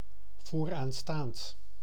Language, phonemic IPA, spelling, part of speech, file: Dutch, /vorˈanstant/, vooraanstaand, adjective, Nl-vooraanstaand.ogg
- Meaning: prominent